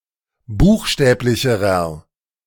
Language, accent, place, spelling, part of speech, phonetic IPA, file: German, Germany, Berlin, buchstäblicherer, adjective, [ˈbuːxˌʃtɛːplɪçəʁɐ], De-buchstäblicherer.ogg
- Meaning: inflection of buchstäblich: 1. strong/mixed nominative masculine singular comparative degree 2. strong genitive/dative feminine singular comparative degree 3. strong genitive plural comparative degree